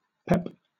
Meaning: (verb) To inject with energy and enthusiasm; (noun) Energy, high spirits
- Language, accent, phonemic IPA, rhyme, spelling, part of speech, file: English, Southern England, /pɛp/, -ɛp, pep, verb / noun, LL-Q1860 (eng)-pep.wav